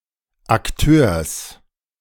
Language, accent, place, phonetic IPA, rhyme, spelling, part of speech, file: German, Germany, Berlin, [akˈtøːɐ̯s], -øːɐ̯s, Akteurs, noun, De-Akteurs.ogg
- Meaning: genitive singular of Akteur